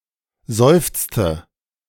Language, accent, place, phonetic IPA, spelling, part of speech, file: German, Germany, Berlin, [ˈzɔɪ̯ft͡stə], seufzte, verb, De-seufzte.ogg
- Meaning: inflection of seufzen: 1. first/third-person singular preterite 2. first/third-person singular subjunctive II